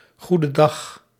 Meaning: alternative spelling of goedendag
- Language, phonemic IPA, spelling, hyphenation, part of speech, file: Dutch, /ɣudə ˈdɑx/, goededag, goe‧de‧dag, interjection, Nl-goededag.ogg